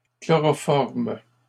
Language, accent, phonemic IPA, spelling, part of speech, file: French, Canada, /klɔ.ʁɔ.fɔʁm/, chloroforment, verb, LL-Q150 (fra)-chloroforment.wav
- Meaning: third-person plural present indicative/subjunctive of chloroformer